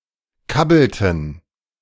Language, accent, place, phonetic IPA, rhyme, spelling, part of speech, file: German, Germany, Berlin, [ˈkabl̩tn̩], -abl̩tn̩, kabbelten, verb, De-kabbelten.ogg
- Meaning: inflection of kabbeln: 1. first/third-person plural preterite 2. first/third-person plural subjunctive II